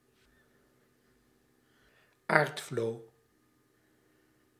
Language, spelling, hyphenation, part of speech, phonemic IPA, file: Dutch, aardvlo, aard‧vlo, noun, /ˈaːrt.vloː/, Nl-aardvlo.ogg
- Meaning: flea beetle of the genus Psylliodes, or more generally any beetle from the Chrysomeloidea